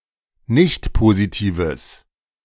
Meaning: strong/mixed nominative/accusative neuter singular of nichtpositiv
- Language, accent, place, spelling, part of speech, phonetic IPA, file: German, Germany, Berlin, nichtpositives, adjective, [ˈnɪçtpoziˌtiːvəs], De-nichtpositives.ogg